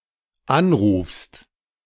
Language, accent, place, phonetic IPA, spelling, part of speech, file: German, Germany, Berlin, [ˈanˌʁuːfst], anrufst, verb, De-anrufst.ogg
- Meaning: second-person singular dependent present of anrufen